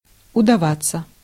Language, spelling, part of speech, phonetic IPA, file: Russian, удаваться, verb, [ʊdɐˈvat͡sːə], Ru-удаваться.ogg
- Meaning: 1. to turn out well, to be a success 2. to succeed